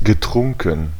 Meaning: past participle of trinken
- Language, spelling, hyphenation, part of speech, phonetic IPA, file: German, getrunken, ge‧trun‧ken, verb, [ɡəˈtʁʊŋkn̩], De-getrunken.ogg